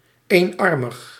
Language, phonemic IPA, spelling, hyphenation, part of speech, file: Dutch, /ˈeːnˌɑr.məx/, eenarmig, een‧ar‧mig, adjective, Nl-eenarmig.ogg
- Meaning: one-armed